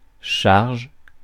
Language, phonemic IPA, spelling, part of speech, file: French, /ʃaʁʒ/, charge, noun / verb, Fr-charge.ogg
- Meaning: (noun) 1. load, burden 2. cargo, freight 3. responsibility, charge 4. charge 5. caricature, comic exaggeration 6. costs, expenses